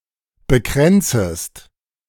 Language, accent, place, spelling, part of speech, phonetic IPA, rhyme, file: German, Germany, Berlin, bekränzest, verb, [bəˈkʁɛnt͡səst], -ɛnt͡səst, De-bekränzest.ogg
- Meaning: second-person singular subjunctive I of bekränzen